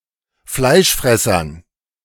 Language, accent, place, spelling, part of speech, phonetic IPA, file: German, Germany, Berlin, Fleischfressern, noun, [ˈflaɪ̯ʃˌfʁɛsɐn], De-Fleischfressern.ogg
- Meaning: dative plural of Fleischfresser